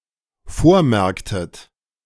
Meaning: inflection of vormerken: 1. second-person plural dependent preterite 2. second-person plural dependent subjunctive II
- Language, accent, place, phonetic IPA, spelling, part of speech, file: German, Germany, Berlin, [ˈfoːɐ̯ˌmɛʁktət], vormerktet, verb, De-vormerktet.ogg